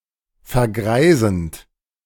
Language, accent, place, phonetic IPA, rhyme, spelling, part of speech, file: German, Germany, Berlin, [fɛɐ̯ˈɡʁaɪ̯zn̩t], -aɪ̯zn̩t, vergreisend, verb, De-vergreisend.ogg
- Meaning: present participle of vergreisen